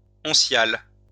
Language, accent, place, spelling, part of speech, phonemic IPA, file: French, France, Lyon, oncial, adjective, /ɔ̃.sjal/, LL-Q150 (fra)-oncial.wav
- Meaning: 1. uncial (related to a majuscule style of writing) 2. calligraphic (written in an artistic style)